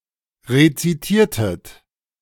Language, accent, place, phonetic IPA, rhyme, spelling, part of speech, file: German, Germany, Berlin, [ʁet͡siˈtiːɐ̯tət], -iːɐ̯tət, rezitiertet, verb, De-rezitiertet.ogg
- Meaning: inflection of rezitieren: 1. second-person plural preterite 2. second-person plural subjunctive II